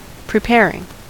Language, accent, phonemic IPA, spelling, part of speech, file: English, US, /pɹɪˈpɛɹɪŋ/, preparing, verb / noun, En-us-preparing.ogg
- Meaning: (verb) present participle and gerund of prepare; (noun) preparation